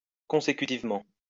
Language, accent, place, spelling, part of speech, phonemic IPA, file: French, France, Lyon, consécutivement, adverb, /kɔ̃.se.ky.tiv.mɑ̃/, LL-Q150 (fra)-consécutivement.wav
- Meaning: consecutively; in a row